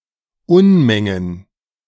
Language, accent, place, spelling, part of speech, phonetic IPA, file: German, Germany, Berlin, Unmengen, noun, [ˈʊnmɛŋən], De-Unmengen.ogg
- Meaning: plural of Unmenge